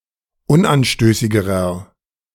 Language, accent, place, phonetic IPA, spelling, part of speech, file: German, Germany, Berlin, [ˈʊnʔanˌʃtøːsɪɡəʁɐ], unanstößigerer, adjective, De-unanstößigerer.ogg
- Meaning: inflection of unanstößig: 1. strong/mixed nominative masculine singular comparative degree 2. strong genitive/dative feminine singular comparative degree 3. strong genitive plural comparative degree